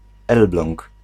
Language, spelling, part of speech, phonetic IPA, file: Polish, Elbląg, proper noun, [ˈɛlblɔ̃ŋk], Pl-Elbląg.ogg